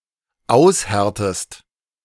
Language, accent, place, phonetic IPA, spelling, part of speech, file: German, Germany, Berlin, [ˈaʊ̯sˌhɛʁtəst], aushärtest, verb, De-aushärtest.ogg
- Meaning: inflection of aushärten: 1. second-person singular dependent present 2. second-person singular dependent subjunctive I